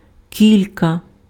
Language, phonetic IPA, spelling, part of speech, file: Ukrainian, [ˈkʲilʲkɐ], кілька, determiner / noun, Uk-кілька.ogg
- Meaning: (determiner) several, a few, some; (noun) sprat, brisling